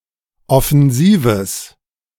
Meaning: strong/mixed nominative/accusative neuter singular of offensiv
- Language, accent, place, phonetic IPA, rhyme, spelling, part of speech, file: German, Germany, Berlin, [ɔfɛnˈziːvəs], -iːvəs, offensives, adjective, De-offensives.ogg